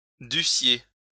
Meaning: second-person plural imperfect subjunctive of devoir
- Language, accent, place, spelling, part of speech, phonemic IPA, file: French, France, Lyon, dussiez, verb, /dy.sje/, LL-Q150 (fra)-dussiez.wav